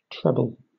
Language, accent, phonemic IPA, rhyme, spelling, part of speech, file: English, Southern England, /ˈtɹɛbəl/, -ɛbəl, treble, adjective / adverb / noun / verb, LL-Q1860 (eng)-treble.wav
- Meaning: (adjective) 1. Pertaining to the highest singing voice or part in harmonized music 2. Threefold, triple; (adverb) Trebly; triply